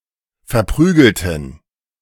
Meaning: inflection of verprügeln: 1. first/third-person plural preterite 2. first/third-person plural subjunctive II
- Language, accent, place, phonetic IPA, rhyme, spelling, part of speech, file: German, Germany, Berlin, [fɛɐ̯ˈpʁyːɡl̩tn̩], -yːɡl̩tn̩, verprügelten, adjective / verb, De-verprügelten.ogg